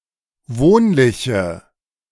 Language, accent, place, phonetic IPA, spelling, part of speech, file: German, Germany, Berlin, [ˈvoːnlɪçə], wohnliche, adjective, De-wohnliche.ogg
- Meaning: inflection of wohnlich: 1. strong/mixed nominative/accusative feminine singular 2. strong nominative/accusative plural 3. weak nominative all-gender singular